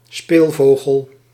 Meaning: 1. a person with a very playful nature 2. bower bird, bird of the family Ptilonorhynchidae
- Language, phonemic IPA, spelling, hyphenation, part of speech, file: Dutch, /ˈspeːlˌvoː.ɣəl/, speelvogel, speel‧vo‧gel, noun, Nl-speelvogel.ogg